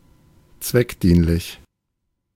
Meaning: expedient, useful, appropriate, advisable (suitable to effect some desired end or the purpose intended)
- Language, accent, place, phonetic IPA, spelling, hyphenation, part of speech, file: German, Germany, Berlin, [ˈt͡svɛkˌdiːnlɪç], zweckdienlich, zweck‧dien‧lich, adjective, De-zweckdienlich.ogg